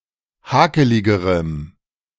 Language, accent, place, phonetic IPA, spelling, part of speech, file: German, Germany, Berlin, [ˈhaːkəlɪɡəʁəm], hakeligerem, adjective, De-hakeligerem.ogg
- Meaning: strong dative masculine/neuter singular comparative degree of hakelig